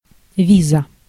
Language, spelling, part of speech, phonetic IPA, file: Russian, виза, noun, [ˈvʲizə], Ru-виза.ogg
- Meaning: visa